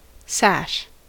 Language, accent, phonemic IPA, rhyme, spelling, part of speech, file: English, US, /sæʃ/, -æʃ, sash, noun / verb, En-us-sash.ogg
- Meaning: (noun) 1. A piece of cloth designed to be worn around the waist 2. A decorative length of cloth worn over the shoulder to the opposite hip, often for ceremonial or other formal occasions